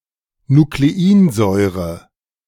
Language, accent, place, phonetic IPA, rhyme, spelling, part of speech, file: German, Germany, Berlin, [nukleˈiːnˌzɔɪ̯ʁə], -iːnzɔɪ̯ʁə, Nucleinsäure, noun, De-Nucleinsäure.ogg
- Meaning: alternative form of Nukleinsäure